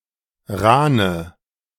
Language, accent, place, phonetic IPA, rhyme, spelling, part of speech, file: German, Germany, Berlin, [ˈʁaːnə], -aːnə, rahne, adjective, De-rahne.ogg
- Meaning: inflection of rahn: 1. strong/mixed nominative/accusative feminine singular 2. strong nominative/accusative plural 3. weak nominative all-gender singular 4. weak accusative feminine/neuter singular